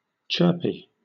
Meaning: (adjective) 1. In a good mood; happy and energetic 2. Making chirping noises
- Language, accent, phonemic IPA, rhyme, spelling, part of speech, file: English, Southern England, /ˈt͡ʃɜː(ɹ)pi/, -ɜː(ɹ)pi, chirpy, adjective / noun, LL-Q1860 (eng)-chirpy.wav